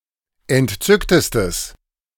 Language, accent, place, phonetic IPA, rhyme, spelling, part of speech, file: German, Germany, Berlin, [ɛntˈt͡sʏktəstəs], -ʏktəstəs, entzücktestes, adjective, De-entzücktestes.ogg
- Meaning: strong/mixed nominative/accusative neuter singular superlative degree of entzückt